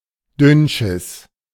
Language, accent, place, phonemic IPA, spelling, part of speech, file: German, Germany, Berlin, /ˈdʏnʃɪs/, Dünnschiss, noun, De-Dünnschiss.ogg
- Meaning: 1. diarrhea (as a disease) 2. the fecal product of diarrhea